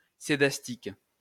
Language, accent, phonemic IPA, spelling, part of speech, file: French, France, /se.das.tik/, scédastique, adjective, LL-Q150 (fra)-scédastique.wav
- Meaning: scedastic